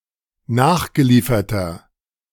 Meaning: inflection of nachgeliefert: 1. strong/mixed nominative masculine singular 2. strong genitive/dative feminine singular 3. strong genitive plural
- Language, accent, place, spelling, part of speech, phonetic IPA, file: German, Germany, Berlin, nachgelieferter, adjective, [ˈnaːxɡəˌliːfɐtɐ], De-nachgelieferter.ogg